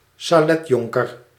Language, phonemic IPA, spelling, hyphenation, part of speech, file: Dutch, /saːˈlɛtˌjɔŋ.kər/, saletjonker, sa‧let‧jon‧ker, noun, Nl-saletjonker.ogg
- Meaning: an eighteenth or nineteenth century dandy from the upper classes, typically with a law degree; a petit maître